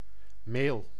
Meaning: flour, meal, farina
- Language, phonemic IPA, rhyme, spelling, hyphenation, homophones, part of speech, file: Dutch, /meːl/, -eːl, meel, meel, mail, noun, Nl-meel.ogg